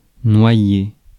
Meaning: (noun) walnut (tree); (verb) 1. to drown; to drown oneself 2. to drown 3. to dilute; to water down
- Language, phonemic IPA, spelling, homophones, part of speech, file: French, /nwa.je/, noyer, noyers / noyé / noyés / noyée / noyées / noyai / noyez, noun / verb, Fr-noyer.ogg